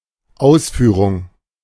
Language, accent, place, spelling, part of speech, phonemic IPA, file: German, Germany, Berlin, Ausführung, noun, /ˈʔaʊ̯sˌfyːʁʊŋ/, De-Ausführung.ogg
- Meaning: 1. execution, implementation 2. design, model 3. explanation